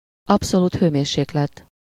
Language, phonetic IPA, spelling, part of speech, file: Hungarian, [ˈɒpsoluːt ˌhøːmeːrʃeːklɛt], abszolút hőmérséklet, noun, Hu-abszolút hőmérséklet.ogg
- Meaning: absolute temperature